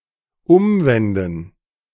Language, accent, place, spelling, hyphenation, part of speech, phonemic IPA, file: German, Germany, Berlin, umwenden, um‧wen‧den, verb, /ˈʊmvɛndn̩/, De-umwenden.ogg
- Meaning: 1. to turn over; to turn inside out 2. to turn around, to go back (when traveling) 3. to turn around (of one's body)